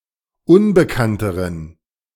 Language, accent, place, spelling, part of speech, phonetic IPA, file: German, Germany, Berlin, unbekannteren, adjective, [ˈʊnbəkantəʁən], De-unbekannteren.ogg
- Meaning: inflection of unbekannt: 1. strong genitive masculine/neuter singular comparative degree 2. weak/mixed genitive/dative all-gender singular comparative degree